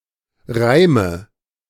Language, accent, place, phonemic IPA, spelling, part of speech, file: German, Germany, Berlin, /ˈʁaɪ̯mə/, Reime, noun, De-Reime.ogg
- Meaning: nominative/accusative/genitive plural of Reim